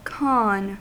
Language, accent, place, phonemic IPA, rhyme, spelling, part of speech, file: English, US, California, /kɑːn/, -ɑːn, khan, noun, En-us-khan.ogg
- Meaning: 1. A ruler over various Turkic and Mongol peoples in the Middle Ages 2. An Ottoman sultan 3. A noble or man of rank in various Muslim countries of Central Asia, including Afghanistan